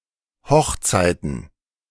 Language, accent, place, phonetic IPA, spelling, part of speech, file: German, Germany, Berlin, [ˈhɔxˌt͡saɪ̯tn̩], Hochzeiten, noun, De-Hochzeiten.ogg
- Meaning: genitive singular of Hochzeit